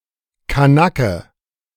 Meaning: alternative spelling of Kanake (only for the sense "wog")
- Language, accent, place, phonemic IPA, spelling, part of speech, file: German, Germany, Berlin, /kaˈnakə/, Kanacke, noun, De-Kanacke.ogg